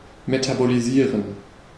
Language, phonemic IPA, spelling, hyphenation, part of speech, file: German, /ˌmetaboliˈziːʁən/, metabolisieren, me‧ta‧bo‧li‧sie‧ren, verb, De-metabolisieren.ogg
- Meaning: to metabolize